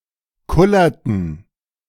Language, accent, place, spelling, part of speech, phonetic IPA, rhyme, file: German, Germany, Berlin, kullerten, verb, [ˈkʊlɐtn̩], -ʊlɐtn̩, De-kullerten.ogg
- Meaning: inflection of kullern: 1. first/third-person plural preterite 2. first/third-person plural subjunctive II